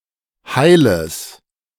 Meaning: strong/mixed nominative/accusative neuter singular of heil
- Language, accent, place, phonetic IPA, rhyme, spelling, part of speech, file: German, Germany, Berlin, [haɪ̯ləs], -aɪ̯ləs, heiles, adjective, De-heiles.ogg